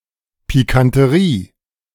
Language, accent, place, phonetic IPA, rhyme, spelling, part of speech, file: German, Germany, Berlin, [pikantəˈʁiː], -iː, Pikanterie, noun, De-Pikanterie.ogg
- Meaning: piquancy